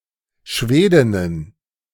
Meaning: plural of Schwedin
- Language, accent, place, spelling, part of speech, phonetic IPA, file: German, Germany, Berlin, Schwedinnen, noun, [ˈʃveːdɪnən], De-Schwedinnen.ogg